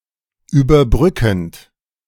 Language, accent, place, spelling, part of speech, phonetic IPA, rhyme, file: German, Germany, Berlin, überbrückend, verb, [yːbɐˈbʁʏkn̩t], -ʏkn̩t, De-überbrückend.ogg
- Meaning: present participle of überbrücken